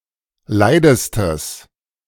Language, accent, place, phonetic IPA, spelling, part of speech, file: German, Germany, Berlin, [ˈlaɪ̯dəstəs], leidestes, adjective, De-leidestes.ogg
- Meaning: strong/mixed nominative/accusative neuter singular superlative degree of leid